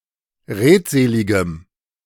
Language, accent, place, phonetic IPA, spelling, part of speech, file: German, Germany, Berlin, [ˈʁeːtˌzeːlɪɡəm], redseligem, adjective, De-redseligem.ogg
- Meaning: strong dative masculine/neuter singular of redselig